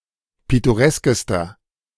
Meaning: inflection of pittoresk: 1. strong/mixed nominative masculine singular superlative degree 2. strong genitive/dative feminine singular superlative degree 3. strong genitive plural superlative degree
- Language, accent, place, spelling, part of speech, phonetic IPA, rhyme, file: German, Germany, Berlin, pittoreskester, adjective, [ˌpɪtoˈʁɛskəstɐ], -ɛskəstɐ, De-pittoreskester.ogg